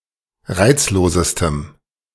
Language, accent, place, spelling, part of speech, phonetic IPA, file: German, Germany, Berlin, reizlosestem, adjective, [ˈʁaɪ̯t͡sloːzəstəm], De-reizlosestem.ogg
- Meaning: strong dative masculine/neuter singular superlative degree of reizlos